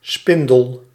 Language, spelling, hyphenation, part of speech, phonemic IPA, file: Dutch, spindel, spin‧del, noun, /ˈspɪn.dəl/, Nl-spindel.ogg
- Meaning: 1. a rod used for spinning and winding natural fibres; a spindle 2. a central pillar around which a staircase spirals; a newel 3. an upright bar for holding CDs or DVDs by skewering